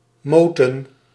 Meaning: plural of moot
- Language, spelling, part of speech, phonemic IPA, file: Dutch, moten, noun, /ˈmotə(n)/, Nl-moten.ogg